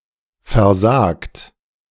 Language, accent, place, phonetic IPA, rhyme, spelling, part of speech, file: German, Germany, Berlin, [fɛɐ̯ˈzaːkt], -aːkt, versagt, verb, De-versagt.ogg
- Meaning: 1. past participle of versagen 2. inflection of versagen: third-person singular present 3. inflection of versagen: second-person plural present 4. inflection of versagen: plural imperative